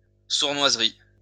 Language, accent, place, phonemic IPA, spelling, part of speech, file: French, France, Lyon, /suʁ.nwaz.ʁi/, sournoiserie, noun, LL-Q150 (fra)-sournoiserie.wav
- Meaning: underhandedness, slyness